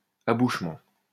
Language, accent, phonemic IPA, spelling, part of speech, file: French, France, /a.buʃ.mɑ̃/, abouchement, noun, LL-Q150 (fra)-abouchement.wav
- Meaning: 1. the act of getting into contact or communication 2. point of union of two vessels